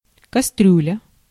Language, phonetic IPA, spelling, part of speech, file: Russian, [kɐˈstrʲʉlʲə], кастрюля, noun, Ru-кастрюля.ogg
- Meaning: stockpot, saucepan, pan, pot, casserole (a deep cooking vessel with one or two handles and a lid)